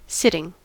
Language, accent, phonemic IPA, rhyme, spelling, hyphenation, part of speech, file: English, US, /ˈsɪtɪŋ/, -ɪtɪŋ, sitting, sit‧ting, noun / verb / adjective, En-us-sitting.ogg
- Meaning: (noun) 1. A period during which one is seated for a specific purpose 2. A seance or other session with a medium or fortuneteller 3. A special seat allotted to a seat-holder, at church, etc